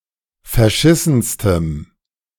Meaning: strong dative masculine/neuter singular superlative degree of verschissen
- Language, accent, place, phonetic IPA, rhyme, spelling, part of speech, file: German, Germany, Berlin, [fɛɐ̯ˈʃɪsn̩stəm], -ɪsn̩stəm, verschissenstem, adjective, De-verschissenstem.ogg